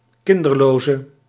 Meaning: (noun) person without children; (adjective) inflection of kinderloos: 1. masculine/feminine singular attributive 2. definite neuter singular attributive 3. plural attributive
- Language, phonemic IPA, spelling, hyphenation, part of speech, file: Dutch, /ˈkɪn.dərˌloː.zə/, kinderloze, kin‧der‧lo‧ze, noun / adjective, Nl-kinderloze.ogg